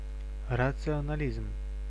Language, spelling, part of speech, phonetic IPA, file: Russian, рационализм, noun, [rət͡sɨənɐˈlʲizm], Ru-рационализм.ogg
- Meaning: rationalism